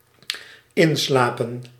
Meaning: 1. to fall asleep 2. to die peacefully
- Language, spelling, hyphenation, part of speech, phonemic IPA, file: Dutch, inslapen, in‧sla‧pen, verb, /ˈɪnˌslaː.pə(n)/, Nl-inslapen.ogg